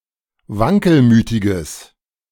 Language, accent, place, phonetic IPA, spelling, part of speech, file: German, Germany, Berlin, [ˈvaŋkəlˌmyːtɪɡəs], wankelmütiges, adjective, De-wankelmütiges.ogg
- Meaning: strong/mixed nominative/accusative neuter singular of wankelmütig